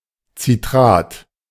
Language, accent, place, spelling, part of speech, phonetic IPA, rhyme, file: German, Germany, Berlin, Citrat, noun, [t͡siˈtʁaːt], -aːt, De-Citrat.ogg
- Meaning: citrate